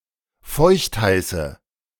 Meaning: inflection of feuchtheiß: 1. strong/mixed nominative/accusative feminine singular 2. strong nominative/accusative plural 3. weak nominative all-gender singular
- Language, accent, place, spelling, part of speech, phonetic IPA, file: German, Germany, Berlin, feuchtheiße, adjective, [ˈfɔɪ̯çtˌhaɪ̯sə], De-feuchtheiße.ogg